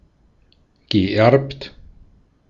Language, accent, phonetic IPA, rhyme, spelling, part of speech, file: German, Austria, [ɡəˈʔɛʁpt], -ɛʁpt, geerbt, verb, De-at-geerbt.ogg
- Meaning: past participle of erben